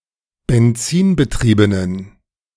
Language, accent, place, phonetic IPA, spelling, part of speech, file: German, Germany, Berlin, [bɛnˈt͡siːnbəˌtʁiːbənən], benzinbetriebenen, adjective, De-benzinbetriebenen.ogg
- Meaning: inflection of benzinbetrieben: 1. strong genitive masculine/neuter singular 2. weak/mixed genitive/dative all-gender singular 3. strong/weak/mixed accusative masculine singular 4. strong dative plural